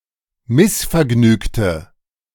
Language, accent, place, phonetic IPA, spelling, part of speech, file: German, Germany, Berlin, [ˈmɪsfɛɐ̯ˌɡnyːktə], missvergnügte, adjective, De-missvergnügte.ogg
- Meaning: inflection of missvergnügt: 1. strong/mixed nominative/accusative feminine singular 2. strong nominative/accusative plural 3. weak nominative all-gender singular